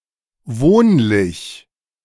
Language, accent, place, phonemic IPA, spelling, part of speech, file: German, Germany, Berlin, /ˈvoːnlɪç/, wohnlich, adjective, De-wohnlich.ogg
- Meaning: 1. comfortable, cosy 2. homely